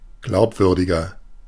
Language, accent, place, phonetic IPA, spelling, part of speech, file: German, Germany, Berlin, [ˈɡlaʊ̯pˌvʏʁdɪɡɐ], glaubwürdiger, adjective, De-glaubwürdiger.ogg
- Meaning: 1. comparative degree of glaubwürdig 2. inflection of glaubwürdig: strong/mixed nominative masculine singular 3. inflection of glaubwürdig: strong genitive/dative feminine singular